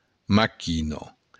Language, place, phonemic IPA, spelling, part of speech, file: Occitan, Béarn, /maˈkino̞/, maquina, noun, LL-Q14185 (oci)-maquina.wav
- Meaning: machine